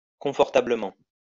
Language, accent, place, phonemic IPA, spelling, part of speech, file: French, France, Lyon, /kɔ̃.fɔʁ.ta.blə.mɑ̃/, confortablement, adverb, LL-Q150 (fra)-confortablement.wav
- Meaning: comfortably